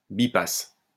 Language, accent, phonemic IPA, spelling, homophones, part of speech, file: French, France, /bi.pas/, bipasse, bipasses / bipassent, verb, LL-Q150 (fra)-bipasse.wav
- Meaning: first-person singular imperfect subjunctive of biper